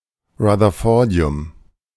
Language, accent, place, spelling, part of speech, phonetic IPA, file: German, Germany, Berlin, Rutherfordium, noun, [ʁaðɐˈfɔʁdi̯ʊm], De-Rutherfordium.ogg
- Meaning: rutherfordium